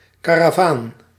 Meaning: caravan (a convoy or procession of travelers, their vehicles and cargo, and any pack animals, especially camels crossing a desert)
- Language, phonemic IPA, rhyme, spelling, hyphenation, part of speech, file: Dutch, /ˌkaː.raːˈvaːn/, -aːn, karavaan, ka‧ra‧vaan, noun, Nl-karavaan.ogg